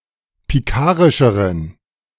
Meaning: inflection of pikarisch: 1. strong genitive masculine/neuter singular comparative degree 2. weak/mixed genitive/dative all-gender singular comparative degree
- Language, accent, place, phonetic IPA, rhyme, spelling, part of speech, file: German, Germany, Berlin, [piˈkaːʁɪʃəʁən], -aːʁɪʃəʁən, pikarischeren, adjective, De-pikarischeren.ogg